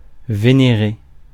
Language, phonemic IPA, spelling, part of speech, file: French, /ve.ne.ʁe/, vénérer, verb, Fr-vénérer.ogg
- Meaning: to worship, venerate, revere